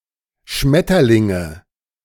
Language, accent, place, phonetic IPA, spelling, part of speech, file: German, Germany, Berlin, [ˈʃmɛtɐlɪŋə], Schmetterlinge, noun, De-Schmetterlinge.ogg
- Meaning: nominative/accusative/genitive plural of Schmetterling